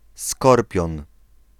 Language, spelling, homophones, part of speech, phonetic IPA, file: Polish, Skorpion, skorpion, proper noun / noun, [ˈskɔrpʲjɔ̃n], Pl-Skorpion.ogg